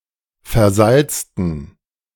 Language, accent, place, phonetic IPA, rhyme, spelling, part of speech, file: German, Germany, Berlin, [fɛɐ̯ˈzalt͡stn̩], -alt͡stn̩, versalzten, adjective / verb, De-versalzten.ogg
- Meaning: inflection of versalzen: 1. first/third-person plural preterite 2. first/third-person plural subjunctive II